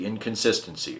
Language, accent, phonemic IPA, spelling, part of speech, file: English, US, /ˌɪnkənˈsɪstənsi/, inconsistency, noun, En-us-inconsistency.ogg
- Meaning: 1. The state of being inconsistent 2. An incompatibility between two propositions that cannot both be true